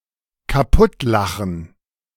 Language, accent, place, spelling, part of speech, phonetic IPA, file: German, Germany, Berlin, kaputtlachen, verb, [kaˈpʊtˌlaxn̩], De-kaputtlachen.ogg
- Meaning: to crack up, to laugh one's head off